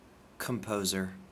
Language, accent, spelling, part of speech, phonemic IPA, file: English, US, composer, noun, /kəmˈpoʊzəɹ/, En-us-composer.ogg
- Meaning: 1. One who composes; an author 2. One who composes; an author.: Especially, one who composes music 3. One who, or that which, quiets or calms